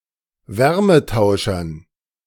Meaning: dative plural of Wärmetauscher
- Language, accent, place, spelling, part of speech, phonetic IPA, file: German, Germany, Berlin, Wärmetauschern, noun, [ˈvɛʁməˌtaʊ̯ʃɐn], De-Wärmetauschern.ogg